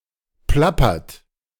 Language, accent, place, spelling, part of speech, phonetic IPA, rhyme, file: German, Germany, Berlin, plappert, verb, [ˈplapɐt], -apɐt, De-plappert.ogg
- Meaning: inflection of plappern: 1. third-person singular present 2. second-person plural present 3. plural imperative